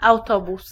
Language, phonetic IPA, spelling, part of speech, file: Polish, [awˈtɔbus], autobus, noun, Pl-autobus.ogg